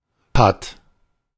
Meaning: 1. in stalemate (said of a situation where one player is not in check but still has no legal move) 2. deadlocked
- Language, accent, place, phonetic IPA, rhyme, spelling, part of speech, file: German, Germany, Berlin, [pat], -at, patt, adjective, De-patt.ogg